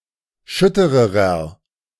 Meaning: inflection of schütter: 1. strong/mixed nominative masculine singular comparative degree 2. strong genitive/dative feminine singular comparative degree 3. strong genitive plural comparative degree
- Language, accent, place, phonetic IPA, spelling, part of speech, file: German, Germany, Berlin, [ˈʃʏtəʁəʁɐ], schüttererer, adjective, De-schüttererer.ogg